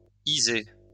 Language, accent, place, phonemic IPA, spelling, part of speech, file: French, France, Lyon, /i.ze/, -iser, suffix, LL-Q150 (fra)--iser.wav
- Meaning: -ise/-ize